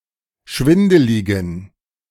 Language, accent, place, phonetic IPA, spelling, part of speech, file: German, Germany, Berlin, [ˈʃvɪndəlɪɡn̩], schwindeligen, adjective, De-schwindeligen.ogg
- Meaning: inflection of schwindelig: 1. strong genitive masculine/neuter singular 2. weak/mixed genitive/dative all-gender singular 3. strong/weak/mixed accusative masculine singular 4. strong dative plural